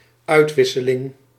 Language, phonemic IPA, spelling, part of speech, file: Dutch, /ˈœytwɪsəˌlɪŋ/, uitwisseling, noun, Nl-uitwisseling.ogg
- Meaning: exchange